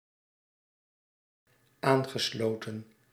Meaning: past participle of aansluiten
- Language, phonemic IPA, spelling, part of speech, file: Dutch, /ˈaŋɣəˌslotə(n)/, aangesloten, verb, Nl-aangesloten.ogg